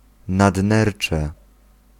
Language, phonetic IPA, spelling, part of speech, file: Polish, [nadˈnɛrt͡ʃɛ], nadnercze, noun, Pl-nadnercze.ogg